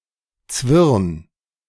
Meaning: 1. singular imperative of zwirnen 2. first-person singular present of zwirnen
- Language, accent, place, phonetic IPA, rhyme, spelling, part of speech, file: German, Germany, Berlin, [t͡svɪʁn], -ɪʁn, zwirn, verb, De-zwirn.ogg